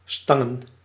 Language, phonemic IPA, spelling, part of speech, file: Dutch, /ˈstɑŋə(n)/, stangen, verb / noun, Nl-stangen.ogg
- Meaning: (verb) to tease, to bait, to pester; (noun) plural of stang